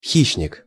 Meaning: predator (any animal or other organism)
- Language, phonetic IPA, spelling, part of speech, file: Russian, [ˈxʲiɕːnʲɪk], хищник, noun, Ru-хищник.ogg